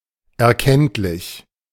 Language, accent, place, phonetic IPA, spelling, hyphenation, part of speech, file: German, Germany, Berlin, [ɛɐ̯ˈkɛntlɪç], erkenntlich, er‧kennt‧lich, adjective, De-erkenntlich.ogg
- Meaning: 1. grateful 2. perceptible